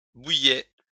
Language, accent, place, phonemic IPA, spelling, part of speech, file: French, France, Lyon, /bu.jɛ/, bouillait, verb, LL-Q150 (fra)-bouillait.wav
- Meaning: third-person singular imperfect indicative of bouillir